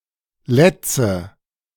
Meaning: 1. nominative plural of Latz 2. accusative plural of Latz 3. genitive plural of Latz
- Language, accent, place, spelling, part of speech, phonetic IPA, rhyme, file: German, Germany, Berlin, Lätze, noun, [ˈlɛt͡sə], -ɛt͡sə, De-Lätze.ogg